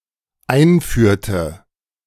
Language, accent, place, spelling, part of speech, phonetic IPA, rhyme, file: German, Germany, Berlin, einführte, verb, [ˈaɪ̯nˌfyːɐ̯tə], -aɪ̯nfyːɐ̯tə, De-einführte.ogg
- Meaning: inflection of einführen: 1. first/third-person singular dependent preterite 2. first/third-person singular dependent subjunctive II